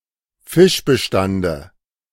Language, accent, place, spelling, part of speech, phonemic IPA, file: German, Germany, Berlin, Fischbestande, noun, /ˈfɪʃbəˌʃtandə/, De-Fischbestande.ogg
- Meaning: dative singular of Fischbestand